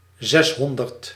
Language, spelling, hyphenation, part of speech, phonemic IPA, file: Dutch, zeshonderd, zes‧hon‧derd, numeral, /ˈzɛsˌɦɔn.dərt/, Nl-zeshonderd.ogg
- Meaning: six hundred